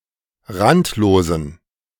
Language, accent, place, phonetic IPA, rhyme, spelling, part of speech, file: German, Germany, Berlin, [ˈʁantloːzn̩], -antloːzn̩, randlosen, adjective, De-randlosen.ogg
- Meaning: inflection of randlos: 1. strong genitive masculine/neuter singular 2. weak/mixed genitive/dative all-gender singular 3. strong/weak/mixed accusative masculine singular 4. strong dative plural